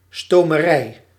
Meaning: dry cleaner
- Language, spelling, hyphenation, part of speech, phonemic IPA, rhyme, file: Dutch, stomerij, sto‧me‧rij, noun, /ˌstoː.məˈrɛi̯/, -ɛi̯, Nl-stomerij.ogg